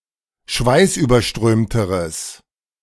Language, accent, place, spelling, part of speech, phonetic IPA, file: German, Germany, Berlin, schweißüberströmteres, adjective, [ˈʃvaɪ̯sʔyːbɐˌʃtʁøːmtəʁəs], De-schweißüberströmteres.ogg
- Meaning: strong/mixed nominative/accusative neuter singular comparative degree of schweißüberströmt